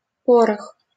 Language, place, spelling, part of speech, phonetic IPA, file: Russian, Saint Petersburg, порох, noun, [ˈporəx], LL-Q7737 (rus)-порох.wav
- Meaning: gunpowder